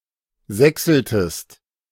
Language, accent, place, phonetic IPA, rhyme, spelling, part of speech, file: German, Germany, Berlin, [ˈzɛksl̩təst], -ɛksl̩təst, sächseltest, verb, De-sächseltest.ogg
- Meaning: inflection of sächseln: 1. second-person singular preterite 2. second-person singular subjunctive II